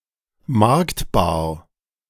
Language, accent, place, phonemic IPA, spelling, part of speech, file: German, Germany, Berlin, /ˈmaʁktbaːɐ̯/, marktbar, adjective, De-marktbar.ogg
- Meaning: marketable